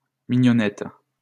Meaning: alternative form of mignonnette
- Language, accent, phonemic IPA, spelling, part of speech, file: French, France, /mi.ɲɔ.nɛt/, mignonette, noun, LL-Q150 (fra)-mignonette.wav